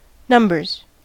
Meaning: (noun) 1. plural of number 2. Many individuals as a group 3. Ellipsis of numbers game; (verb) third-person singular simple present indicative of number
- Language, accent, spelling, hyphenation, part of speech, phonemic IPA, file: English, US, numbers, num‧bers, noun / verb, /ˈnʌmbɚz/, En-us-numbers.ogg